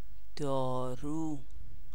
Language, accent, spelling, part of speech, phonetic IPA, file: Persian, Iran, دارو, noun, [d̪ɒː.ɹúː], Fa-دارو.ogg
- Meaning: 1. medicine, drug, medication 2. gunpowder